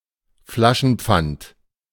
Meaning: bottle deposit, refund
- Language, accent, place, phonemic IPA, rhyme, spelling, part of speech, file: German, Germany, Berlin, /flaʃn̩ˌp͡fant/, -ant, Flaschenpfand, noun, De-Flaschenpfand.ogg